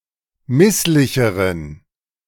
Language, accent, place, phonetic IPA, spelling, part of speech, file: German, Germany, Berlin, [ˈmɪslɪçəʁən], misslicheren, adjective, De-misslicheren.ogg
- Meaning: inflection of misslich: 1. strong genitive masculine/neuter singular comparative degree 2. weak/mixed genitive/dative all-gender singular comparative degree